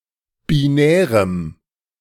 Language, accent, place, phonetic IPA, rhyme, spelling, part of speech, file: German, Germany, Berlin, [biˈnɛːʁəm], -ɛːʁəm, binärem, adjective, De-binärem.ogg
- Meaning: strong dative masculine/neuter singular of binär